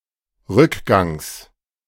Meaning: genitive singular of Rückgang
- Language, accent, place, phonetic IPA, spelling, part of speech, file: German, Germany, Berlin, [ˈʁʏkˌɡaŋs], Rückgangs, noun, De-Rückgangs.ogg